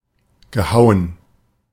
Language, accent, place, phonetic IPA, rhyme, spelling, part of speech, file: German, Germany, Berlin, [ɡəˈhaʊ̯ən], -aʊ̯ən, gehauen, verb, De-gehauen.ogg
- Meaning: past participle of hauen